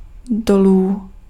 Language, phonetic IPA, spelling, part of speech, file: Czech, [ˈdoluː], dolů, adverb / noun, Cs-dolů.ogg
- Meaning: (adverb) down, downward, downwards (from a high to a low position); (noun) genitive plural of důl